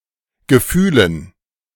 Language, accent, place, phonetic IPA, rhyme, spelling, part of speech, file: German, Germany, Berlin, [ɡəˈfyːlən], -yːlən, Gefühlen, noun, De-Gefühlen.ogg
- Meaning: dative plural of Gefühl